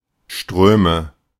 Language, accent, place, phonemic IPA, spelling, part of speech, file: German, Germany, Berlin, /ˈʃtʁøːmə/, Ströme, noun, De-Ströme.ogg
- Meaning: nominative/accusative/genitive plural of Strom